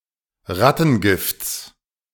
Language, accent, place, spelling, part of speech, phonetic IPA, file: German, Germany, Berlin, Rattengifts, noun, [ˈʁatn̩ˌɡɪft͡s], De-Rattengifts.ogg
- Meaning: genitive singular of Rattengift